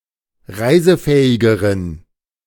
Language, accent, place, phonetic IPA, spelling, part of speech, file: German, Germany, Berlin, [ˈʁaɪ̯zəˌfɛːɪɡəʁən], reisefähigeren, adjective, De-reisefähigeren.ogg
- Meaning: inflection of reisefähig: 1. strong genitive masculine/neuter singular comparative degree 2. weak/mixed genitive/dative all-gender singular comparative degree